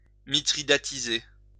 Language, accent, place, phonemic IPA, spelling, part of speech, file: French, France, Lyon, /mi.tʁi.da.ti.ze/, mithridatiser, verb, LL-Q150 (fra)-mithridatiser.wav
- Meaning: to immunize against a poison by taking small amounts of it